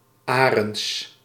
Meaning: a surname
- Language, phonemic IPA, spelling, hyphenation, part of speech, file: Dutch, /ˈaː.rənts/, Arends, Arends, proper noun, Nl-Arends.ogg